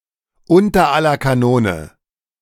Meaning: dreadful, abysmal
- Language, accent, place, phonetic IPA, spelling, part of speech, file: German, Germany, Berlin, [ˈʊntɐ ˈalɐ kaˈnoːnə], unter aller Kanone, prepositional phrase, De-unter aller Kanone.ogg